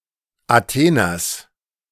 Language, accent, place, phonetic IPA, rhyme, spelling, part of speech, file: German, Germany, Berlin, [aˈteːnɐs], -eːnɐs, Atheners, noun, De-Atheners.ogg
- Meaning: genitive of Athener